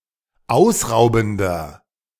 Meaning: inflection of ausraubend: 1. strong/mixed nominative masculine singular 2. strong genitive/dative feminine singular 3. strong genitive plural
- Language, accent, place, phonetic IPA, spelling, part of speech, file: German, Germany, Berlin, [ˈaʊ̯sˌʁaʊ̯bn̩dɐ], ausraubender, adjective, De-ausraubender.ogg